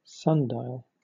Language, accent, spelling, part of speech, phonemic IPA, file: English, Southern England, sundial, noun, /ˈsʌnˌdaɪ.əl/, LL-Q1860 (eng)-sundial.wav
- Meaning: 1. A device measuring the time of day by the position of a shadow cast by a pole or plate (gnomon) upon an engraved series of marks 2. A sea snail of the genus Heliacus